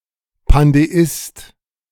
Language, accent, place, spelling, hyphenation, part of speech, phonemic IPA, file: German, Germany, Berlin, Pandeist, Pan‧de‧ist, noun, /pandeˈɪst/, De-Pandeist.ogg
- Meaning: pandeist